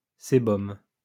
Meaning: sebum
- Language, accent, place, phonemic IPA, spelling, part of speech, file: French, France, Lyon, /se.bɔm/, sébum, noun, LL-Q150 (fra)-sébum.wav